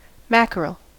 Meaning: Certain smaller edible fish, principally true mackerel and Spanish mackerel in family Scombridae, often speckled,
- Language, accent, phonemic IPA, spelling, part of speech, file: English, US, /ˈmæk(ə)ɹəl/, mackerel, noun, En-us-mackerel.ogg